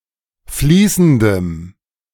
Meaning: strong dative masculine/neuter singular of fließend
- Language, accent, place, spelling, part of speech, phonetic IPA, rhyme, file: German, Germany, Berlin, fließendem, adjective, [ˈfliːsn̩dəm], -iːsn̩dəm, De-fließendem.ogg